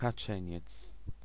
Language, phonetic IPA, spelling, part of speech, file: Polish, [kaˈt͡ʃɛ̃ɲɛt͡s], kaczeniec, noun, Pl-kaczeniec.ogg